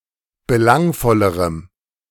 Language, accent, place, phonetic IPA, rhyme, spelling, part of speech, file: German, Germany, Berlin, [bəˈlaŋfɔləʁəm], -aŋfɔləʁəm, belangvollerem, adjective, De-belangvollerem.ogg
- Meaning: strong dative masculine/neuter singular comparative degree of belangvoll